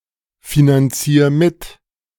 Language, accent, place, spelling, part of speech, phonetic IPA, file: German, Germany, Berlin, finanzier mit, verb, [finanˌt͡siːɐ̯ ˈmɪt], De-finanzier mit.ogg
- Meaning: 1. singular imperative of mitfinanzieren 2. first-person singular present of mitfinanzieren